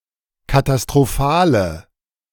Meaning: inflection of katastrophal: 1. strong/mixed nominative/accusative feminine singular 2. strong nominative/accusative plural 3. weak nominative all-gender singular
- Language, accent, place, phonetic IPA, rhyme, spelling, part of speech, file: German, Germany, Berlin, [katastʁoˈfaːlə], -aːlə, katastrophale, adjective, De-katastrophale.ogg